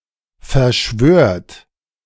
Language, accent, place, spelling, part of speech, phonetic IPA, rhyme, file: German, Germany, Berlin, verschwört, verb, [fɛɐ̯ˈʃvøːɐ̯t], -øːɐ̯t, De-verschwört.ogg
- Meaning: second-person plural present of verschwören